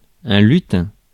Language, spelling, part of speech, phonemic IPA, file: French, lutin, noun, /ly.tɛ̃/, Fr-lutin.ogg
- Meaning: imp, elf, pixie